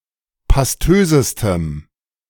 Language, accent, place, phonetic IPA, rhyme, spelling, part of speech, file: German, Germany, Berlin, [pasˈtøːzəstəm], -øːzəstəm, pastösestem, adjective, De-pastösestem.ogg
- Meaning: strong dative masculine/neuter singular superlative degree of pastös